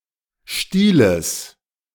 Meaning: genitive singular of Stiel
- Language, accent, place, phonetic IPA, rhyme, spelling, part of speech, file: German, Germany, Berlin, [ˈʃtiːləs], -iːləs, Stieles, noun, De-Stieles.ogg